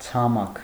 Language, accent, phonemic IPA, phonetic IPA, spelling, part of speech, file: Armenian, Eastern Armenian, /t͡sʰɑˈmɑkʰ/, [t͡sʰɑmɑ́kʰ], ցամաք, adjective / noun, Hy-ցամաք.ogg
- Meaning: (adjective) 1. dry 2. lifeless; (noun) earth, dry land (as opposed to water)